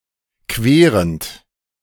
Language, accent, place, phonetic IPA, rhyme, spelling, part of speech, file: German, Germany, Berlin, [ˈkveːʁənt], -eːʁənt, querend, verb, De-querend.ogg
- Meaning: present participle of queren